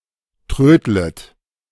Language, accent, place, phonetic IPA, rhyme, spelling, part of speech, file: German, Germany, Berlin, [ˈtʁøːdlət], -øːdlət, trödlet, verb, De-trödlet.ogg
- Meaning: second-person plural subjunctive I of trödeln